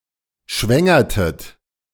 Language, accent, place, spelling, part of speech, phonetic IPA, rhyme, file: German, Germany, Berlin, schwängertet, verb, [ˈʃvɛŋɐtət], -ɛŋɐtət, De-schwängertet.ogg
- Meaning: inflection of schwängern: 1. second-person plural preterite 2. second-person plural subjunctive II